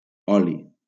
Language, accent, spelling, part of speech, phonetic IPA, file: Catalan, Valencia, oli, noun, [ˈɔ.li], LL-Q7026 (cat)-oli.wav
- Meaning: oil